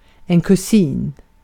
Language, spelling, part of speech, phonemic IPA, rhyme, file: Swedish, kusin, noun, /kɵˈsiːn/, -iːn, Sv-kusin.ogg
- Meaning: a cousin (the child of a person's aunt or uncle)